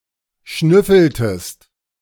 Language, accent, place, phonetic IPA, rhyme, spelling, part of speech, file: German, Germany, Berlin, [ˈʃnʏfl̩təst], -ʏfl̩təst, schnüffeltest, verb, De-schnüffeltest.ogg
- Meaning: inflection of schnüffeln: 1. second-person singular preterite 2. second-person singular subjunctive II